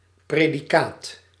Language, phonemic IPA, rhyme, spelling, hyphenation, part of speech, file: Dutch, /ˌpreː.diˈkaːt/, -aːt, predicaat, pre‧di‧caat, noun, Nl-predicaat.ogg
- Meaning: 1. predicate 2. label, name